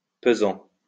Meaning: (verb) present participle of peser; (adjective) heavy; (noun) 1. nightmare, delirium 2. only used in valoir son pesant d'or
- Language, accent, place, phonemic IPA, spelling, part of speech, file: French, France, Lyon, /pə.zɑ̃/, pesant, verb / adjective / noun, LL-Q150 (fra)-pesant.wav